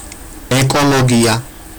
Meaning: ecology
- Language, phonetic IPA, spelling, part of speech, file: Georgian, [e̞kʼo̞ɫo̞ɡiä], ეკოლოგია, noun, Ka-ekologia.ogg